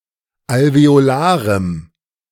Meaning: strong dative masculine/neuter singular of alveolar
- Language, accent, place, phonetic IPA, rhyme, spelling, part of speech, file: German, Germany, Berlin, [alveoˈlaːʁəm], -aːʁəm, alveolarem, adjective, De-alveolarem.ogg